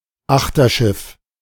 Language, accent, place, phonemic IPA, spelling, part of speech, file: German, Germany, Berlin, /ˈaxtɐˌʃɪf/, Achterschiff, noun, De-Achterschiff.ogg
- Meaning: synonym of Hinterschiff